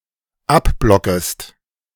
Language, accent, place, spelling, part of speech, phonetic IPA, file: German, Germany, Berlin, abblockest, verb, [ˈapˌblɔkəst], De-abblockest.ogg
- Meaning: second-person singular dependent subjunctive I of abblocken